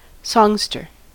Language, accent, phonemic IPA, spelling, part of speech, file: English, US, /ˈsɒŋstɚ/, songster, noun, En-us-songster.ogg
- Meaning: 1. A man who sings songs, especially as a profession; a male singer 2. An adult chorister in the Salvation Army 3. A male songbird 4. One who writes songs 5. A book of songs; songbook